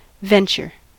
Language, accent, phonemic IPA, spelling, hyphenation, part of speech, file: English, US, /ˈvɛn.t͡ʃɚ/, venture, ven‧ture, noun / verb, En-us-venture.ogg
- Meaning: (noun) 1. A risky or daring undertaking or journey 2. An event that is not, or cannot be, foreseen 3. The thing risked; especially, something sent to sea in trade